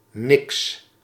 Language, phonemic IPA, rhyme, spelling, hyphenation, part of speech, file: Dutch, /nɪks/, -ɪks, niks, niks, pronoun / adjective, Nl-niks.ogg
- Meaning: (pronoun) nothing; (adjective) 1. disagreeable, distasteful, not liking 2. uninteresting